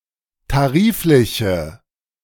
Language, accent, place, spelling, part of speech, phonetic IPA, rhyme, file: German, Germany, Berlin, tarifliche, adjective, [taˈʁiːflɪçə], -iːflɪçə, De-tarifliche.ogg
- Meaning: inflection of tariflich: 1. strong/mixed nominative/accusative feminine singular 2. strong nominative/accusative plural 3. weak nominative all-gender singular